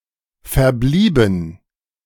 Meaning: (verb) past participle of verbleiben; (adjective) remaining
- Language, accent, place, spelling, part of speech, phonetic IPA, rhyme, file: German, Germany, Berlin, verblieben, adjective / verb, [fɛɐ̯ˈbliːbn̩], -iːbn̩, De-verblieben.ogg